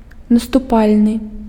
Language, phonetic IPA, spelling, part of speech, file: Belarusian, [nastuˈpalʲnɨ], наступальны, adjective, Be-наступальны.ogg
- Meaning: offensive (intended for attack)